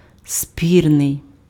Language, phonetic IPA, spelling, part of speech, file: Ukrainian, [ˈsʲpʲirnei̯], спірний, adjective, Uk-спірний.ogg
- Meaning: moot, debatable, contentious, controversial